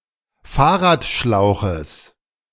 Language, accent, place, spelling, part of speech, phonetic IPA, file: German, Germany, Berlin, Fahrradschlauches, noun, [ˈfaːɐ̯ʁaːtˌʃlaʊ̯xəs], De-Fahrradschlauches.ogg
- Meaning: genitive singular of Fahrradschlauch